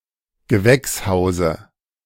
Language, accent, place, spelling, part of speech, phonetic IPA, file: German, Germany, Berlin, Gewächshause, noun, [ɡəˈvɛksˌhaʊ̯zə], De-Gewächshause.ogg
- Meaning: dative singular of Gewächshaus